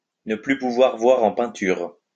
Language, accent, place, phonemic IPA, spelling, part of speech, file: French, France, Lyon, /nə ply pu.vwaʁ vwa.ʁ‿ɑ̃ pɛ̃.tyʁ/, ne plus pouvoir voir en peinture, verb, LL-Q150 (fra)-ne plus pouvoir voir en peinture.wav
- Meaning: to be sick of (something/someone), not to be able to stand the sight of (something/someone) anymore